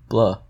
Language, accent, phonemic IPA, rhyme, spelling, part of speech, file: English, US, /blʌ/, -ʌ, bluh, interjection, En-us-bluh.ogg
- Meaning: 1. Expressing disgust or discontent; blah 2. When repeated or combined with blah, used to denote tedious talking; blah